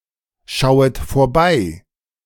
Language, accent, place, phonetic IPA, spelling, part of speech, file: German, Germany, Berlin, [ˌʃaʊ̯ət foːɐ̯ˈbaɪ̯], schauet vorbei, verb, De-schauet vorbei.ogg
- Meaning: second-person plural subjunctive I of vorbeischauen